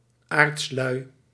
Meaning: extremely lazy, very lazy
- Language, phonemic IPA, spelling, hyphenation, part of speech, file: Dutch, /aːrtsˈlœy̯/, aartslui, aarts‧lui, adjective, Nl-aartslui.ogg